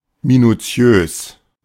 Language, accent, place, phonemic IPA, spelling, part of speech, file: German, Germany, Berlin, /minuˈ t͡si̯øːs/, minutiös, adjective, De-minutiös.ogg
- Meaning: minute